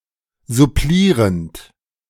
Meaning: present participle of supplieren
- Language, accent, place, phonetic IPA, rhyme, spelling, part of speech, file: German, Germany, Berlin, [zʊˈpliːʁənt], -iːʁənt, supplierend, verb, De-supplierend.ogg